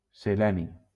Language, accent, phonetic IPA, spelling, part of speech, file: Catalan, Valencia, [seˈlɛ.ni], seleni, noun, LL-Q7026 (cat)-seleni.wav
- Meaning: selenium